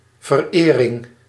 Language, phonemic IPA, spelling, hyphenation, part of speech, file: Dutch, /vərˈeː.rɪŋ/, verering, ver‧ering, noun, Nl-verering.ogg
- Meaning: devotion, worship